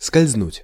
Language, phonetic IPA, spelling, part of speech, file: Russian, [skɐlʲzˈnutʲ], скользнуть, verb, Ru-скользнуть.ogg
- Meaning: 1. to slide, to slip 2. to glide 3. to float 4. to sneak (into, by) 5. to graze [with по (po, + dative) ‘someone/something’] (of a bullet)